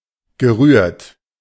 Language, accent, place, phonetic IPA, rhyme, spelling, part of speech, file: German, Germany, Berlin, [ɡəˈʁyːɐ̯t], -yːɐ̯t, gerührt, verb, De-gerührt.ogg
- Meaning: past participle of rühren